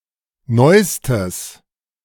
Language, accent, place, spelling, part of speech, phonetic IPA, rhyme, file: German, Germany, Berlin, neustes, adjective, [ˈnɔɪ̯stəs], -ɔɪ̯stəs, De-neustes.ogg
- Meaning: strong/mixed nominative/accusative neuter singular superlative degree of neu